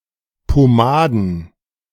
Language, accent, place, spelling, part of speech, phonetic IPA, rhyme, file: German, Germany, Berlin, Pomaden, noun, [poˈmaːdn̩], -aːdn̩, De-Pomaden.ogg
- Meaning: plural of Pomade